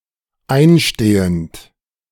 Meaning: present participle of einstehen
- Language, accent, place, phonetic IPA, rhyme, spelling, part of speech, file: German, Germany, Berlin, [ˈaɪ̯nˌʃteːənt], -aɪ̯nʃteːənt, einstehend, verb, De-einstehend.ogg